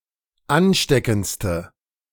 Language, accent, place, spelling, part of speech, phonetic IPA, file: German, Germany, Berlin, ansteckendste, adjective, [ˈanˌʃtɛkn̩t͡stə], De-ansteckendste.ogg
- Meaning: inflection of ansteckend: 1. strong/mixed nominative/accusative feminine singular superlative degree 2. strong nominative/accusative plural superlative degree